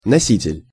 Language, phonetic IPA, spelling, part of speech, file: Russian, [nɐˈsʲitʲɪlʲ], носитель, noun, Ru-носитель.ogg
- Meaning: carrier, bearer, holder